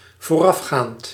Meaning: present participle of voorafgaan
- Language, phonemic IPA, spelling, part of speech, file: Dutch, /voˈrɑfxant/, voorafgaand, verb / adjective, Nl-voorafgaand.ogg